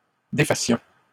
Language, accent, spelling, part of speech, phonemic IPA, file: French, Canada, défassions, verb, /de.fa.sjɔ̃/, LL-Q150 (fra)-défassions.wav
- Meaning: first-person plural present subjunctive of défaire